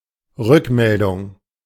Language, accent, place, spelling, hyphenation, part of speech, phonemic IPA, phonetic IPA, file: German, Germany, Berlin, Rückmeldung, Rück‧mel‧dung, noun, /ˈʁʏkˌmɛldʊŋ/, [ˈʁʏkʰˌmɛldʊŋ], De-Rückmeldung.ogg
- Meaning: feedback (critical assessment on information produced)